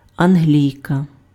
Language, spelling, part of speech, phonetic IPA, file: Ukrainian, англійка, noun, [ɐnˈɦlʲii̯kɐ], Uk-англійка.ogg
- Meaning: female equivalent of англі́єць (anhlíjecʹ): Englishwoman